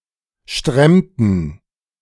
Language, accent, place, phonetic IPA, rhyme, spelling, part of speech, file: German, Germany, Berlin, [ˈʃtʁɛmtn̩], -ɛmtn̩, stremmten, verb, De-stremmten.ogg
- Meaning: inflection of stremmen: 1. first/third-person plural preterite 2. first/third-person plural subjunctive II